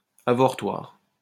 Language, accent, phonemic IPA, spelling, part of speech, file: French, France, /a.vɔʁ.twaʁ/, avortoir, noun, LL-Q150 (fra)-avortoir.wav
- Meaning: abortion clinic; abortion mill, abortuary